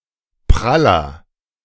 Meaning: 1. comparative degree of prall 2. inflection of prall: strong/mixed nominative masculine singular 3. inflection of prall: strong genitive/dative feminine singular
- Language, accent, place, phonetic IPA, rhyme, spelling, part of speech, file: German, Germany, Berlin, [ˈpʁalɐ], -alɐ, praller, adjective, De-praller.ogg